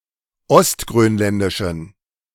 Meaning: inflection of ostgrönländisch: 1. strong genitive masculine/neuter singular 2. weak/mixed genitive/dative all-gender singular 3. strong/weak/mixed accusative masculine singular 4. strong dative plural
- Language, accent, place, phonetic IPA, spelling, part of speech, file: German, Germany, Berlin, [ɔstɡʁøːnˌlɛndɪʃn̩], ostgrönländischen, adjective, De-ostgrönländischen.ogg